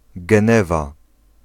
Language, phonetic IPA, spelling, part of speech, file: Polish, [ɡɛ̃ˈnɛva], Genewa, proper noun, Pl-Genewa.ogg